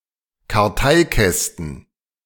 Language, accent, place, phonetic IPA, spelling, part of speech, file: German, Germany, Berlin, [kaʁˈtaɪ̯ˌkɛstn̩], Karteikästen, noun, De-Karteikästen.ogg
- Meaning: plural of Karteikasten